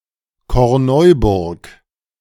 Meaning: a municipality of Lower Austria, Austria
- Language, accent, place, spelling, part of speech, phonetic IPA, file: German, Germany, Berlin, Korneuburg, proper noun, [kɔʁˈnɔɪ̯bʊʁk], De-Korneuburg.ogg